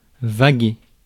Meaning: to wander, to wander aimlessly
- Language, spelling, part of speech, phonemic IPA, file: French, vaguer, verb, /va.ɡe/, Fr-vaguer.ogg